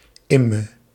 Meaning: 1. beeswarm 2. honeybee
- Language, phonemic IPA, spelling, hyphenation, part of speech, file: Dutch, /ˈɪ.mə/, imme, im‧me, noun, Nl-imme.ogg